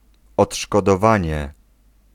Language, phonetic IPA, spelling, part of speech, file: Polish, [ˌɔṭʃkɔdɔˈvãɲɛ], odszkodowanie, noun, Pl-odszkodowanie.ogg